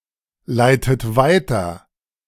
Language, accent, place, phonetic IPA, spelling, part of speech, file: German, Germany, Berlin, [ˌlaɪ̯tət ˈvaɪ̯tɐ], leitet weiter, verb, De-leitet weiter.ogg
- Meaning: inflection of weiterleiten: 1. third-person singular present 2. second-person plural present 3. second-person plural subjunctive I 4. plural imperative